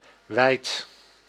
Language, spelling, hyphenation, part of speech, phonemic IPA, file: Dutch, wijd, wijd, adjective, /ˈʋɛɪt/, Nl-wijd.ogg
- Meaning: 1. wide, outstretched, far apart 2. wide, vast, expansive, over a large surface 3. far 4. in many places, widely